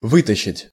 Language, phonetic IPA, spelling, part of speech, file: Russian, [ˈvɨtəɕːɪtʲ], вытащить, verb, Ru-вытащить.ogg
- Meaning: 1. to take out; to pull out, to drag out 2. to drag (out) (someone against their will)